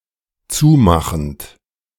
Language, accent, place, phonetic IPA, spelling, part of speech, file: German, Germany, Berlin, [ˈt͡suːˌmaxn̩t], zumachend, verb, De-zumachend.ogg
- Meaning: present participle of zumachen